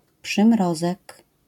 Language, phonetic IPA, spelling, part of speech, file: Polish, [pʃɨ̃ˈmrɔzɛk], przymrozek, noun, LL-Q809 (pol)-przymrozek.wav